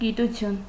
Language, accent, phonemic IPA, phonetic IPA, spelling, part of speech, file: Armenian, Eastern Armenian, /ɡituˈtʰjun/, [ɡitut͡sʰjún], գիտություն, noun, Hy-գիտություն.ogg
- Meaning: 1. science 2. knowledge